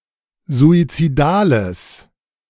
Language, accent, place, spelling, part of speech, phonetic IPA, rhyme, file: German, Germany, Berlin, suizidales, adjective, [zuit͡siˈdaːləs], -aːləs, De-suizidales.ogg
- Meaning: strong/mixed nominative/accusative neuter singular of suizidal